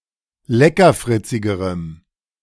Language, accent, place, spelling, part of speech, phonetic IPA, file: German, Germany, Berlin, leckerfritzigerem, adjective, [ˈlɛkɐˌfʁɪt͡sɪɡəʁəm], De-leckerfritzigerem.ogg
- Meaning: strong dative masculine/neuter singular comparative degree of leckerfritzig